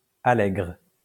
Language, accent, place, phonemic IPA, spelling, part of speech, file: French, France, Lyon, /a.lɛɡʁ/, allègre, adjective, LL-Q150 (fra)-allègre.wav
- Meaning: joyful, happy